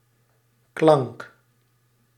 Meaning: sound
- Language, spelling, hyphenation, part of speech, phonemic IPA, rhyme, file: Dutch, klank, klank, noun, /klɑŋk/, -ɑŋk, Nl-klank.ogg